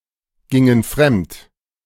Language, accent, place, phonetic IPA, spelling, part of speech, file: German, Germany, Berlin, [ˌɡɪŋən ˈfʁɛmt], gingen fremd, verb, De-gingen fremd.ogg
- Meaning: inflection of fremdgehen: 1. first/third-person plural preterite 2. first/third-person plural subjunctive II